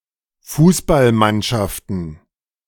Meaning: plural of Fußballmannschaft
- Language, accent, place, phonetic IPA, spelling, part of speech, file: German, Germany, Berlin, [ˈfuːsbalˌmanʃaftn̩], Fußballmannschaften, noun, De-Fußballmannschaften.ogg